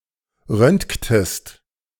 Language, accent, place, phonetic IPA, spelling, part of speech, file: German, Germany, Berlin, [ˈʁœntktəst], röntgtest, verb, De-röntgtest.ogg
- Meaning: inflection of röntgen: 1. second-person singular preterite 2. second-person singular subjunctive II